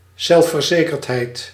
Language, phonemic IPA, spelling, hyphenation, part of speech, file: Dutch, /ˌzɛl.fərˈzeː.kərt.ɦɛi̯t/, zelfverzekerdheid, zelf‧ver‧ze‧kerd‧heid, noun, Nl-zelfverzekerdheid.ogg
- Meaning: self-confidence, self-belief